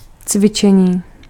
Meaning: 1. verbal noun of cvičit 2. exercise (activity designed to develop or hone a skill or ability) 3. exercise (physical activity intended to improve strength and fitness)
- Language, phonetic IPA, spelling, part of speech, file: Czech, [ˈt͡svɪt͡ʃɛɲiː], cvičení, noun, Cs-cvičení.ogg